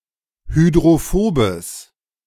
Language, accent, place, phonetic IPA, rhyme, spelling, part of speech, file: German, Germany, Berlin, [hydʁoˈfoːbəs], -oːbəs, hydrophobes, adjective, De-hydrophobes.ogg
- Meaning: strong/mixed nominative/accusative neuter singular of hydrophob